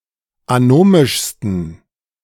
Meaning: 1. superlative degree of anomisch 2. inflection of anomisch: strong genitive masculine/neuter singular superlative degree
- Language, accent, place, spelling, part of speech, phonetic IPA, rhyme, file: German, Germany, Berlin, anomischsten, adjective, [aˈnoːmɪʃstn̩], -oːmɪʃstn̩, De-anomischsten.ogg